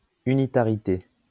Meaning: unitarity
- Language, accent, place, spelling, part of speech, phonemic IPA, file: French, France, Lyon, unitarité, noun, /y.ni.ta.ʁi.te/, LL-Q150 (fra)-unitarité.wav